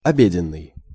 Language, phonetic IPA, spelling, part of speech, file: Russian, [ɐˈbʲedʲɪn(ː)ɨj], обеденный, adjective, Ru-обеденный.ogg
- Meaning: lunch/dinner (referring to the main meal of the day, which is eaten from about 1 or 2 p.m. to 3 p.m.)